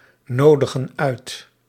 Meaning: inflection of uitnodigen: 1. plural present indicative 2. plural present subjunctive
- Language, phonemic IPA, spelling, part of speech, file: Dutch, /ˈnodəɣə(n) ˈœyt/, nodigen uit, verb, Nl-nodigen uit.ogg